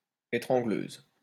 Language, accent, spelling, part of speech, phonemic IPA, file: French, France, étrangleuse, noun, /e.tʁɑ̃.ɡløz/, LL-Q150 (fra)-étrangleuse.wav
- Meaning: female equivalent of étrangleur: female strangler